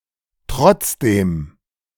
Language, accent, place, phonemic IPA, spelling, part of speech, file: German, Germany, Berlin, /ˈtʁɔtsdeːm/, trotzdem, adverb, De-trotzdem.ogg
- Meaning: anyhow, nevertheless